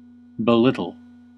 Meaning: 1. To disparage, depreciate, or minimize the importance, value, merit, or significance of someone or something 2. To make small
- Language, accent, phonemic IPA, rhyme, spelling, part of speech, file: English, US, /bɪˈlɪt.əl/, -ɪtəl, belittle, verb, En-us-belittle.ogg